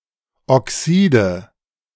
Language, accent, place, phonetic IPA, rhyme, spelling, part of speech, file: German, Germany, Berlin, [ɔˈksiːdə], -iːdə, Oxide, noun, De-Oxide.ogg
- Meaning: nominative/accusative/genitive plural of Oxid